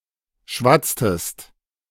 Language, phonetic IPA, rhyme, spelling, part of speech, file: German, [ˈʃvat͡stəst], -at͡stəst, schwatztest, verb, De-schwatztest.oga
- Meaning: inflection of schwatzen: 1. second-person singular preterite 2. second-person singular subjunctive II